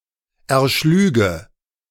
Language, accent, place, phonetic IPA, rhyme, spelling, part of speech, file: German, Germany, Berlin, [ɛɐ̯ˈʃlyːɡə], -yːɡə, erschlüge, verb, De-erschlüge.ogg
- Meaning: first/third-person singular subjunctive II of erschlagen